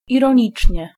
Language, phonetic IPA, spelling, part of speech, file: Polish, [ˌirɔ̃ˈɲit͡ʃʲɲɛ], ironicznie, adverb, Pl-ironicznie.ogg